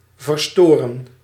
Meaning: to disturb, to disrupt
- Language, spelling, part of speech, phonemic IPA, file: Dutch, verstoren, verb, /vərˈstorə(n)/, Nl-verstoren.ogg